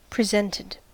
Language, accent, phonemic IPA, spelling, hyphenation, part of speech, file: English, US, /pɹɪˈzɛntɪd/, presented, pre‧sent‧ed, adjective / verb, En-us-presented.ogg
- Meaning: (adjective) Having a specified presentation, or a presentation with specified properties; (verb) simple past and past participle of present